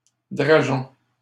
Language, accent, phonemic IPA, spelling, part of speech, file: French, Canada, /dʁa.ʒɔ̃/, drageon, noun, LL-Q150 (fra)-drageon.wav
- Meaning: a sprout growing from a root